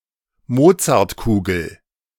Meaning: Mozart ball
- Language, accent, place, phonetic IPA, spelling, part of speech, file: German, Germany, Berlin, [ˈmoːt͡saʁtˌkuːɡl̩], Mozartkugel, noun, De-Mozartkugel.ogg